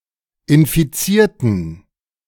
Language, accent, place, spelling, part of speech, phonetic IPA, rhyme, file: German, Germany, Berlin, infizierten, adjective / verb, [ɪnfiˈt͡siːɐ̯tn̩], -iːɐ̯tn̩, De-infizierten.ogg
- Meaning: inflection of infizieren: 1. first/third-person plural preterite 2. first/third-person plural subjunctive II